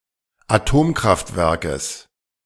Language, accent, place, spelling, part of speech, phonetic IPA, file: German, Germany, Berlin, Atomkraftwerkes, noun, [aˈtoːmkʁaftˌvɛʁkəs], De-Atomkraftwerkes.ogg
- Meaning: genitive singular of Atomkraftwerk